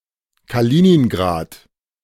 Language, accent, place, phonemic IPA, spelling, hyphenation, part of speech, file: German, Germany, Berlin, /kaˈliːniːnɡʁaːt/, Kaliningrad, Ka‧li‧nin‧grad, proper noun, De-Kaliningrad.ogg
- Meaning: Kaliningrad (an oblast or federal subject of Russia; an exclave on the Baltic Sea, between Poland and Lithuania)